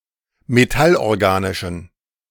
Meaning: inflection of metallorganisch: 1. strong genitive masculine/neuter singular 2. weak/mixed genitive/dative all-gender singular 3. strong/weak/mixed accusative masculine singular 4. strong dative plural
- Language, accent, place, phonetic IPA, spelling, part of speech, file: German, Germany, Berlin, [meˈtalʔɔʁˌɡaːnɪʃn̩], metallorganischen, adjective, De-metallorganischen.ogg